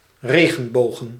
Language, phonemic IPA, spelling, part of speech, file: Dutch, /ˈreɣə(n)ˌboɣə(n)/, regenbogen, noun, Nl-regenbogen.ogg
- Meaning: plural of regenboog